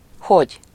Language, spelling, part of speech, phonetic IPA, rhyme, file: Hungarian, hogy, adverb / conjunction, [ˈhoɟ], -oɟ, Hu-hogy.ogg
- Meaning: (adverb) how?; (conjunction) 1. that 2. if, whether (or not translated) 3. to (expressing imperative in reported speech)